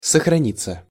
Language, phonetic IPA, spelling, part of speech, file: Russian, [səxrɐˈnʲit͡sːə], сохраниться, verb, Ru-сохраниться.ogg
- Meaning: 1. to remain intact, to last out 2. to be well preserved (of a person) 3. passive of сохрани́ть (soxranítʹ)